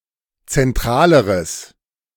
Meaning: strong/mixed nominative/accusative neuter singular comparative degree of zentral
- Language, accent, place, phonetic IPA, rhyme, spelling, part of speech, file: German, Germany, Berlin, [t͡sɛnˈtʁaːləʁəs], -aːləʁəs, zentraleres, adjective, De-zentraleres.ogg